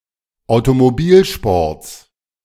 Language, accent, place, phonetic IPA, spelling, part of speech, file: German, Germany, Berlin, [aʊ̯tomoˈbiːlʃpɔʁt͡s], Automobilsports, noun, De-Automobilsports.ogg
- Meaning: genitive singular of Automobilsport